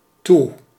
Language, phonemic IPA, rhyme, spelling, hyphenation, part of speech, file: Dutch, /tu/, -u, toe, toe, adverb / interjection / conjunction, Nl-toe.ogg
- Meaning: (adverb) 1. adverbial form of tot (“to, till, towards”) 2. due for, ready for, in need of 3. after, afterwards 4. shut, closed (especially as part of a compound verb like toedoen)